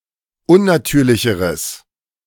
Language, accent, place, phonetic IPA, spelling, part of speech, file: German, Germany, Berlin, [ˈʊnnaˌtyːɐ̯lɪçəʁəs], unnatürlicheres, adjective, De-unnatürlicheres.ogg
- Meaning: strong/mixed nominative/accusative neuter singular comparative degree of unnatürlich